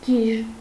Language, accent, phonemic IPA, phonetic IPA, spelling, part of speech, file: Armenian, Eastern Armenian, /ɡiʒ/, [ɡiʒ], գիժ, adjective / noun, Hy-գիժ.ogg
- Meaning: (adjective) crazy, insane; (noun) madman, nut